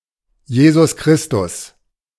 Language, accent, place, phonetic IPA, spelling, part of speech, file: German, Germany, Berlin, [ˈjeːzʊs ˈkʁɪstʊs], Jesus Christus, proper noun, De-Jesus Christus.ogg
- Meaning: Jesus Christ, a religious figure